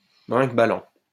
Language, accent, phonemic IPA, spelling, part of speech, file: French, France, /bʁɛ̃k.ba.lɑ̃/, brinquebalant, adjective / verb, LL-Q150 (fra)-brinquebalant.wav
- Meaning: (adjective) rattling; rickety; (verb) present participle of brinquebaler